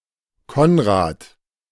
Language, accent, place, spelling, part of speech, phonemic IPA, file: German, Germany, Berlin, Konrad, proper noun, /ˈkɔnʁaːt/, De-Konrad.ogg
- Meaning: a male given name from Middle High German, origin of the English Conrad